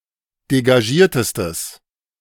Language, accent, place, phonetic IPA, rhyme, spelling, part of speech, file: German, Germany, Berlin, [deɡaˈʒiːɐ̯təstəs], -iːɐ̯təstəs, degagiertestes, adjective, De-degagiertestes.ogg
- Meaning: strong/mixed nominative/accusative neuter singular superlative degree of degagiert